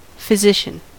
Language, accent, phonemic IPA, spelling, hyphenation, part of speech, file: English, US, /fəˈzɪʃən/, physician, phy‧si‧cian, noun, En-us-physician.ogg
- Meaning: A practitioner of physic, i.e. a specialist in internal medicine, especially as opposed to a surgeon; a practitioner who treats with medication rather than with surgery